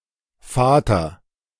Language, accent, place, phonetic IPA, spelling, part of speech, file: German, Germany, Berlin, [ˈfɑːtʰɐ], Vater, noun, De-Vater.ogg
- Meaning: father